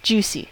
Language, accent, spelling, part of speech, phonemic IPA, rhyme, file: English, US, juicy, adjective, /ˈd͡ʒuːsi/, -uːsi, En-us-juicy.ogg
- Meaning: 1. Having lots of juice 2. Exciting; titillating 3. Voluptuous, curvy, thick; sexy in those ways 4. Strong; thus, also painful 5. Muscular due to steroid use